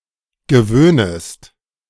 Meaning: second-person singular subjunctive I of gewöhnen
- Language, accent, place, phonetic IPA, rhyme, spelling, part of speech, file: German, Germany, Berlin, [ɡəˈvøːnəst], -øːnəst, gewöhnest, verb, De-gewöhnest.ogg